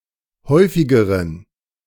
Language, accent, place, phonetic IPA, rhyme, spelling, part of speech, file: German, Germany, Berlin, [ˈhɔɪ̯fɪɡəʁən], -ɔɪ̯fɪɡəʁən, häufigeren, adjective, De-häufigeren.ogg
- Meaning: inflection of häufig: 1. strong genitive masculine/neuter singular comparative degree 2. weak/mixed genitive/dative all-gender singular comparative degree